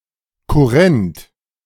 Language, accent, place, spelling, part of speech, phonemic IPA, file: German, Germany, Berlin, kurrent, adjective, /kʊˈʁɛnt/, De-kurrent.ogg
- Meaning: 1. cursive (having the letters joined together) 2. written in old German handwriting (Deutsche Kurrentschrift) 3. current, present